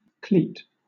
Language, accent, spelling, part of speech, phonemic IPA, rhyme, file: English, Southern England, cleat, noun / verb, /kliːt/, -iːt, LL-Q1860 (eng)-cleat.wav
- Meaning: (noun) A strip of wood or iron fastened on transversely to something in order to give strength, prevent warping, hold position, etc